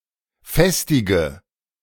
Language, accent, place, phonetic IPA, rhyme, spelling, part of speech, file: German, Germany, Berlin, [ˈfɛstɪɡə], -ɛstɪɡə, festige, verb, De-festige.ogg
- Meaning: inflection of festigen: 1. first-person singular present 2. first/third-person singular subjunctive I 3. singular imperative